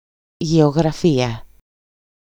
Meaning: geography
- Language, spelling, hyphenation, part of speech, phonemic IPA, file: Greek, γεωγραφία, γε‧ω‧γρα‧φία, noun, /ʝeoɣraˈfia/, EL-γεωγραφία.ogg